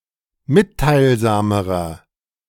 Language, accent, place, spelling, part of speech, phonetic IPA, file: German, Germany, Berlin, mitteilsamerer, adjective, [ˈmɪttaɪ̯lˌzaːməʁɐ], De-mitteilsamerer.ogg
- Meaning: inflection of mitteilsam: 1. strong/mixed nominative masculine singular comparative degree 2. strong genitive/dative feminine singular comparative degree 3. strong genitive plural comparative degree